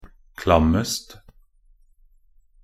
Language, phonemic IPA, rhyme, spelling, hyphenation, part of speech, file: Norwegian Bokmål, /klamːəst/, -əst, klammest, klam‧mest, adjective, Nb-klammest.ogg
- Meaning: predicative superlative degree of klam